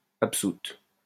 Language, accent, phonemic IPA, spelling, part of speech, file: French, France, /ap.sut/, absoute, noun / verb, LL-Q150 (fra)-absoute.wav
- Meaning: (noun) absolution (song for the dead); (verb) feminine singular of absout